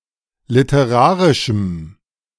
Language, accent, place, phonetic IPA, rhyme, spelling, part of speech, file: German, Germany, Berlin, [lɪtəˈʁaːʁɪʃm̩], -aːʁɪʃm̩, literarischem, adjective, De-literarischem.ogg
- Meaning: strong dative masculine/neuter singular of literarisch